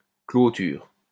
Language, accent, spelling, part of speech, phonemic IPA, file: French, France, clôture, noun / verb, /klo.tyʁ/, LL-Q150 (fra)-clôture.wav
- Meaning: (noun) 1. fence; hedge, wall 2. closing, closure (of a business, shop, argument etc.); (verb) inflection of clôturer: first/third-person singular present indicative/subjunctive